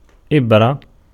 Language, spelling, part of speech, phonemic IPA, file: Arabic, إبرة, noun, /ʔib.ra/, Ar-إبرة.ogg
- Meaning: needle (all senses)